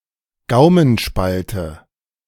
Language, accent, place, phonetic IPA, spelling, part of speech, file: German, Germany, Berlin, [ˈɡaʊ̯mənˌʃpaltə], Gaumenspalte, noun, De-Gaumenspalte.ogg
- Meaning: palatoschisis, cleft palate